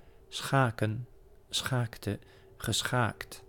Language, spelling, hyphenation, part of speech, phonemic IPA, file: Dutch, schaken, scha‧ken, verb / noun, /ˈsxaː.kə(n)/, Nl-schaken.ogg
- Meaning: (verb) to play chess; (noun) chess; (verb) to kidnap, to ravish